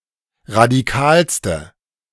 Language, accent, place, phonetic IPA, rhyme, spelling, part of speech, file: German, Germany, Berlin, [ʁadiˈkaːlstə], -aːlstə, radikalste, adjective, De-radikalste.ogg
- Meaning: inflection of radikal: 1. strong/mixed nominative/accusative feminine singular superlative degree 2. strong nominative/accusative plural superlative degree